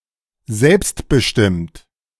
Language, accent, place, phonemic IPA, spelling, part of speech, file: German, Germany, Berlin, /ˈzɛlpstbəˌʃtɪmt/, selbstbestimmt, adjective, De-selbstbestimmt.ogg
- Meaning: self-determined